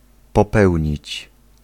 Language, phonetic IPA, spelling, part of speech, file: Polish, [pɔˈpɛwʲɲit͡ɕ], popełnić, verb, Pl-popełnić.ogg